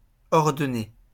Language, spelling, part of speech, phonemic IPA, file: French, ordonné, verb / adjective, /ɔʁ.dɔ.ne/, LL-Q150 (fra)-ordonné.wav
- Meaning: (verb) past participle of ordonner; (adjective) 1. arranged, ordered 2. prescribed